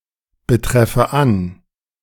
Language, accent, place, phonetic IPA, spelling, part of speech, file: German, Germany, Berlin, [bəˌtʁɛfə ˈan], betreffe an, verb, De-betreffe an.ogg
- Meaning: inflection of anbetreffen: 1. first-person singular present 2. first/third-person singular subjunctive I